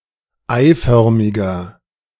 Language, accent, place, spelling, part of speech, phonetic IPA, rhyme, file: German, Germany, Berlin, eiförmiger, adjective, [ˈaɪ̯ˌfœʁmɪɡɐ], -aɪ̯fœʁmɪɡɐ, De-eiförmiger.ogg
- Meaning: 1. comparative degree of eiförmig 2. inflection of eiförmig: strong/mixed nominative masculine singular 3. inflection of eiförmig: strong genitive/dative feminine singular